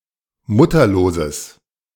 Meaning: strong/mixed nominative/accusative neuter singular of mutterlos
- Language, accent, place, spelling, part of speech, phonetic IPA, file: German, Germany, Berlin, mutterloses, adjective, [ˈmʊtɐloːzəs], De-mutterloses.ogg